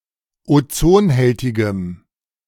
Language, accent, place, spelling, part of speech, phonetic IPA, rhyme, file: German, Germany, Berlin, ozonhältigem, adjective, [oˈt͡soːnˌhɛltɪɡəm], -oːnhɛltɪɡəm, De-ozonhältigem.ogg
- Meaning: strong dative masculine/neuter singular of ozonhältig